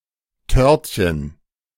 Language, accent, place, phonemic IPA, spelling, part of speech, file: German, Germany, Berlin, /ˈtœʁtçən/, Törtchen, noun, De-Törtchen.ogg
- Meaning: diminutive of Torte, tartlet